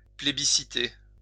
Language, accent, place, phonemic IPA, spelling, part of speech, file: French, France, Lyon, /ple.bi.si.te/, plébisciter, verb, LL-Q150 (fra)-plébisciter.wav
- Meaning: 1. to vote by plebiscite 2. to approve overwhelmingly